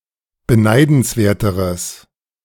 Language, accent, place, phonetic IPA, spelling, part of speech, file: German, Germany, Berlin, [bəˈnaɪ̯dn̩sˌveːɐ̯təʁəs], beneidenswerteres, adjective, De-beneidenswerteres.ogg
- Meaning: strong/mixed nominative/accusative neuter singular comparative degree of beneidenswert